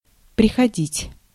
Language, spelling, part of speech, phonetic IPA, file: Russian, приходить, verb, [prʲɪxɐˈdʲitʲ], Ru-приходить.ogg
- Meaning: to come (to), to arrive (at) (place, conclusion, state of abandonment, anger, insanity)